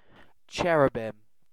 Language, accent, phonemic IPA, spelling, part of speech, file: English, UK, /ˈtʃɛ.ɹ(j)u.bɪm/, cherubim, noun, En-uk-cherubim.ogg
- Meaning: 1. plural of cherub 2. A cherub